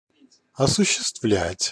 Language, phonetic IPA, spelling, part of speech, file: Russian, [ɐsʊɕːɪstˈvlʲætʲ], осуществлять, verb, Ru-осуществлять.ogg
- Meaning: 1. to realize, to accomplish, to fulfill, to put into practice 2. to carry out, to implement 3. to exercise (in terms of rights or control)